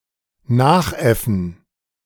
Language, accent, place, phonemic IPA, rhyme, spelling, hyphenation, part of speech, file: German, Germany, Berlin, /ˈnaːχˌʔɛfn̩/, -ɛfn̩, nachäffen, nach‧äf‧fen, verb, De-nachäffen.ogg
- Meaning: 1. to ape, to mimic 2. to copycat, to imitate